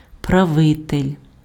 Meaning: ruler (person who rules or governs)
- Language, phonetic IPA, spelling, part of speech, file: Ukrainian, [prɐˈʋɪtelʲ], правитель, noun, Uk-правитель.ogg